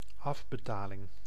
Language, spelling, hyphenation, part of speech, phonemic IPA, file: Dutch, afbetaling, af‧be‧ta‧ling, noun, /ˈɑvbəˌtaːlɪŋ/, Nl-afbetaling.ogg
- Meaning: installment (portion of debt)